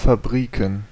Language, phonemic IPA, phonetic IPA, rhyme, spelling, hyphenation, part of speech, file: German, /faˈbʁiːkən/, [faˈbʁiːkŋ̍], -iːkən, Fabriken, Fab‧ri‧ken, noun, De-Fabriken.ogg
- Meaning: plural of Fabrik